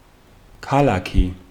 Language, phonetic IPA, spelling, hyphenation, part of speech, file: Georgian, [kʰäɫäkʰi], ქალაქი, ქა‧ლა‧ქი, noun, Ka-ქალაქი.ogg
- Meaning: town, city